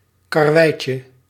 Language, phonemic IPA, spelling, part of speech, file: Dutch, /kɑrˈwɛicə/, karweitje, noun, Nl-karweitje.ogg
- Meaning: diminutive of karwei